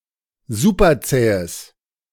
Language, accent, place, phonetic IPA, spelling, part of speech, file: German, Germany, Berlin, [ˈzupɐˌt͡sɛːəs], superzähes, adjective, De-superzähes.ogg
- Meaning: strong/mixed nominative/accusative neuter singular of superzäh